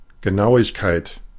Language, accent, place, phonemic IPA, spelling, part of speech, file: German, Germany, Berlin, /ɡəˈnaʊ̯ɪçkaɪ̯t/, Genauigkeit, noun, De-Genauigkeit.ogg
- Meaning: accuracy